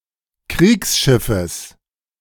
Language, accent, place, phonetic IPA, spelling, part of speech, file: German, Germany, Berlin, [ˈkʁiːksˌʃɪfəs], Kriegsschiffes, noun, De-Kriegsschiffes.ogg
- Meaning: genitive singular of Kriegsschiff